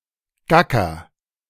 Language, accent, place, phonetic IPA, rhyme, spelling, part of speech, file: German, Germany, Berlin, [ˈɡakɐ], -akɐ, gacker, verb, De-gacker.ogg
- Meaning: inflection of gackern: 1. first-person singular present 2. singular imperative